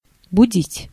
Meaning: to wake up, to awake, to waken
- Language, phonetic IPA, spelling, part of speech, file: Russian, [bʊˈdʲitʲ], будить, verb, Ru-будить.ogg